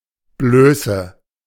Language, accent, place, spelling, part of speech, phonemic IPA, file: German, Germany, Berlin, Blöße, noun, /ˈbløːsə/, De-Blöße.ogg
- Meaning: 1. nudity 2. an opening, i.e., a vulnerable area in a fight (also figurative)